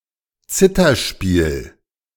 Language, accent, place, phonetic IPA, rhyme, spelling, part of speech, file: German, Germany, Berlin, [ˈt͡sɪtɐˌʃpiːl], -ɪtɐʃpiːl, Zitherspiel, noun, De-Zitherspiel.ogg
- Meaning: zither playing